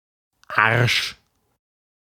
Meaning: 1. arse, posterior, buttocks 2. arse (mean or despicable person)
- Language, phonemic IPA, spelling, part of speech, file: German, /arʃ/, Arsch, noun, De-Arsch.ogg